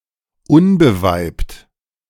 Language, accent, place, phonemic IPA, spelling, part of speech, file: German, Germany, Berlin, /ˈʊnbəˌvaɪ̯pt/, unbeweibt, adjective, De-unbeweibt.ogg
- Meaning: unmarried, unfriended